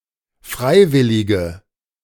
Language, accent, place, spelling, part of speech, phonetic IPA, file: German, Germany, Berlin, freiwillige, adjective, [ˈfʁaɪ̯ˌvɪlɪɡə], De-freiwillige.ogg
- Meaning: inflection of freiwillig: 1. strong/mixed nominative/accusative feminine singular 2. strong nominative/accusative plural 3. weak nominative all-gender singular